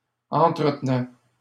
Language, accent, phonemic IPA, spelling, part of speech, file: French, Canada, /ɑ̃.tʁə.t(ə).nɛ/, entretenait, verb, LL-Q150 (fra)-entretenait.wav
- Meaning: third-person singular imperfect indicative of entretenir